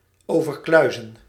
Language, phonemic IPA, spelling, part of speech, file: Dutch, /ˌoː.vərˈklœy̯.zə(n)/, overkluizen, verb, Nl-overkluizen.ogg
- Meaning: to overarch, to create a vault over